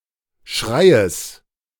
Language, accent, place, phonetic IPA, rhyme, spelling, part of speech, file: German, Germany, Berlin, [ˈʃʁaɪ̯əs], -aɪ̯əs, Schreies, noun, De-Schreies.ogg
- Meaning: genitive singular of Schrei